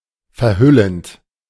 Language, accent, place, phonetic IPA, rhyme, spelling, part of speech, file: German, Germany, Berlin, [fɛɐ̯ˈhʏlənt], -ʏlənt, verhüllend, verb, De-verhüllend.ogg
- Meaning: present participle of verhüllen